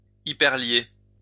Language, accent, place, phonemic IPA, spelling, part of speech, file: French, France, Lyon, /i.pɛʁ.lje/, hyperlier, verb, LL-Q150 (fra)-hyperlier.wav
- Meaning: to hyperlink (to add a hyperlink to a document)